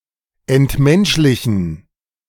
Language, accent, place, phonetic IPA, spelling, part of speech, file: German, Germany, Berlin, [ɛntˈmɛnʃlɪçn̩], entmenschlichen, verb, De-entmenschlichen.ogg
- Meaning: to dehumanize